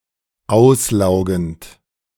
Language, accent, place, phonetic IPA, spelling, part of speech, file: German, Germany, Berlin, [ˈaʊ̯sˌlaʊ̯ɡn̩t], auslaugend, verb, De-auslaugend.ogg
- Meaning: present participle of auslaugen